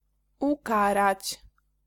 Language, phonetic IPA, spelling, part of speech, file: Polish, [uˈkarat͡ɕ], ukarać, verb, Pl-ukarać.ogg